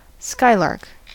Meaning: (noun) A small brown passerine bird, Alauda arvensis, that sings as it flies high into the air; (verb) To jump about joyfully, frolic; to play around, play tricks
- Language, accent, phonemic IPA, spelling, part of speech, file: English, US, /ˈskaɪlɑɹk/, skylark, noun / verb, En-us-skylark.ogg